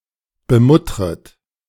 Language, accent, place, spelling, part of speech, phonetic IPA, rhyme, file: German, Germany, Berlin, bemuttret, verb, [bəˈmʊtʁət], -ʊtʁət, De-bemuttret.ogg
- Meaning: second-person plural subjunctive I of bemuttern